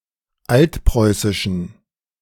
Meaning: inflection of altpreußisch: 1. strong genitive masculine/neuter singular 2. weak/mixed genitive/dative all-gender singular 3. strong/weak/mixed accusative masculine singular 4. strong dative plural
- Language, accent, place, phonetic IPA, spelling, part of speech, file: German, Germany, Berlin, [ˈaltˌpʁɔɪ̯sɪʃn̩], altpreußischen, adjective, De-altpreußischen.ogg